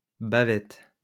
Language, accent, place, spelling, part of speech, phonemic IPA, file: French, France, Lyon, bavettes, noun, /ba.vɛt/, LL-Q150 (fra)-bavettes.wav
- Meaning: plural of bavette